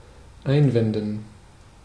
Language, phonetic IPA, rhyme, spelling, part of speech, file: German, [ˈaɪ̯nˌvɛndn̩], -aɪ̯nvɛndn̩, einwenden, verb, De-einwenden.ogg
- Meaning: to raise (an objection to), to make (an argument against)